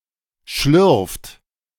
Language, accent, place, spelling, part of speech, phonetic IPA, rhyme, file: German, Germany, Berlin, schlürft, verb, [ʃlʏʁft], -ʏʁft, De-schlürft.ogg
- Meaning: inflection of schlürfen: 1. third-person singular present 2. second-person plural present 3. plural imperative